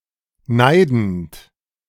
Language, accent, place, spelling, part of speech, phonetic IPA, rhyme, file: German, Germany, Berlin, neidend, verb, [ˈnaɪ̯dn̩t], -aɪ̯dn̩t, De-neidend.ogg
- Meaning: present participle of neiden